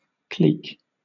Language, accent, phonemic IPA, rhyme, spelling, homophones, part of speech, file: English, Southern England, /kliːk/, -iːk, cleek, clique, noun / verb, LL-Q1860 (eng)-cleek.wav
- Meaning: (noun) 1. A large hook 2. A metal-headed golf club with little loft, equivalent in a modern set of clubs to a one or two iron or a four wood; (verb) To strike with the club called a cleek